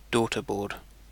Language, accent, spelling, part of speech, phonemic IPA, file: English, UK, daughterboard, noun, /ˈdɔːtəbɔː(ɹ)d/, En-uk-daughterboard.ogg
- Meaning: A circuit board that is an extension of a motherboard or other card